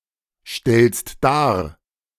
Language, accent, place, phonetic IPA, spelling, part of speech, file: German, Germany, Berlin, [ˌʃtɛlst ˈdaːɐ̯], stellst dar, verb, De-stellst dar.ogg
- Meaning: second-person singular present of darstellen